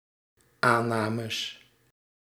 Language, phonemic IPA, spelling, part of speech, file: Dutch, /ˈanɑməs/, aannames, noun, Nl-aannames.ogg
- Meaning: plural of aanname